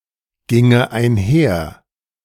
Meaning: first/third-person singular subjunctive II of einhergehen
- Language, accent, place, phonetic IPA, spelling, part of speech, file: German, Germany, Berlin, [ˌɡɪŋə aɪ̯nˈhɛɐ̯], ginge einher, verb, De-ginge einher.ogg